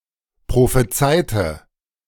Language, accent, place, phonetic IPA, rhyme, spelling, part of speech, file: German, Germany, Berlin, [pʁofeˈt͡saɪ̯tə], -aɪ̯tə, prophezeite, adjective / verb, De-prophezeite.ogg
- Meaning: inflection of prophezeien: 1. first/third-person singular preterite 2. first/third-person singular subjunctive II